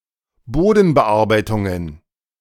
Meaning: plural of Bodenbearbeitung
- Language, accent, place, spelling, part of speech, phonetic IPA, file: German, Germany, Berlin, Bodenbearbeitungen, noun, [ˈboːdn̩bəˌʔaʁbaɪ̯tʊŋən], De-Bodenbearbeitungen.ogg